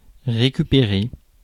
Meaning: 1. to get back, to recover, to recuperate 2. to reform, to rehabilitate 3. to reclaim, to recover 4. to make up (e.g. time) 5. to co-opt, to appropriate, to recast to serve one's own ends
- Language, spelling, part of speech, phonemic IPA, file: French, récupérer, verb, /ʁe.ky.pe.ʁe/, Fr-récupérer.ogg